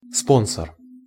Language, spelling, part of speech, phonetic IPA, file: Russian, спонсор, noun, [ˈsponsər], Ru-спонсор.ogg
- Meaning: 1. sponsor (one that pays all or part of the cost of an event) 2. sugar daddy